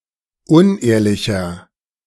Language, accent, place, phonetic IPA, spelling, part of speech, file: German, Germany, Berlin, [ˈʊnˌʔeːɐ̯lɪçɐ], unehrlicher, adjective, De-unehrlicher.ogg
- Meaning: 1. comparative degree of unehrlich 2. inflection of unehrlich: strong/mixed nominative masculine singular 3. inflection of unehrlich: strong genitive/dative feminine singular